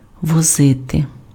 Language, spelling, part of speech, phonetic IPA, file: Ukrainian, возити, verb, [wɔˈzɪte], Uk-возити.ogg
- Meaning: to carry (by vehicle), to transport, to haul